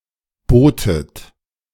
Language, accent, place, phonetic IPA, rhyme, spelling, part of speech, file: German, Germany, Berlin, [ˈboːtət], -oːtət, botet, verb, De-botet.ogg
- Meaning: second-person plural preterite of bieten